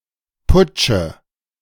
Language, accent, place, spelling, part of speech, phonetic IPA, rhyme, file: German, Germany, Berlin, putsche, verb, [ˈpʊt͡ʃə], -ʊt͡ʃə, De-putsche.ogg
- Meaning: inflection of putschen: 1. first-person singular present 2. singular imperative 3. first/third-person singular subjunctive I